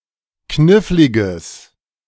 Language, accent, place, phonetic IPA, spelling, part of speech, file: German, Germany, Berlin, [ˈknɪflɪɡəs], kniffliges, adjective, De-kniffliges.ogg
- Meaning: strong/mixed nominative/accusative neuter singular of knifflig